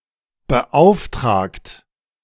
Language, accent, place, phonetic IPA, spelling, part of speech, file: German, Germany, Berlin, [bəˈʔaʊ̯fˌtʁaːkt], beauftragt, verb, De-beauftragt.ogg
- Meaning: past participle of beauftragen